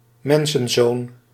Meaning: Son of Man
- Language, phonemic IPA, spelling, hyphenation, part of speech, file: Dutch, /ˈmɛn.sə(n)ˌzoːn/, Mensenzoon, Men‧sen‧zoon, proper noun, Nl-Mensenzoon.ogg